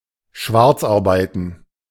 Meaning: to moonlight (work illicitly)
- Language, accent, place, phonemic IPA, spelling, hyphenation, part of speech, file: German, Germany, Berlin, /ˈaʁbaɪ̯tən/, schwarzarbeiten, sch‧warz‧ar‧bei‧ten, verb, De-schwarzarbeiten.ogg